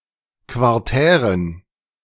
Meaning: inflection of quartär: 1. strong genitive masculine/neuter singular 2. weak/mixed genitive/dative all-gender singular 3. strong/weak/mixed accusative masculine singular 4. strong dative plural
- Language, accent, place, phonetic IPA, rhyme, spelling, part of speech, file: German, Germany, Berlin, [kvaʁˈtɛːʁən], -ɛːʁən, quartären, adjective, De-quartären.ogg